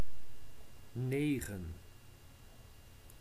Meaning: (numeral) nine; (noun) 1. a nine, an instance or representation of the digit nine 2. a nine, an instance or use (e.g. score or amount) of the number nine
- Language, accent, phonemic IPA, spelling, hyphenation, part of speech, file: Dutch, Netherlands, /ˈneː.ɣə(n)/, negen, ne‧gen, numeral / noun / verb, Nl-negen.ogg